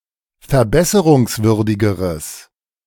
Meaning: strong/mixed nominative/accusative neuter singular comparative degree of verbesserungswürdig
- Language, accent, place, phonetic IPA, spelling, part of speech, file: German, Germany, Berlin, [fɛɐ̯ˈbɛsəʁʊŋsˌvʏʁdɪɡəʁəs], verbesserungswürdigeres, adjective, De-verbesserungswürdigeres.ogg